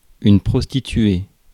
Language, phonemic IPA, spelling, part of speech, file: French, /pʁɔs.ti.tɥe/, prostituée, noun, Fr-prostituée.ogg
- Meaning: prostitute (woman who has sexual intercourse or engages in other sexual activity for payment, especially as a means of livelihood)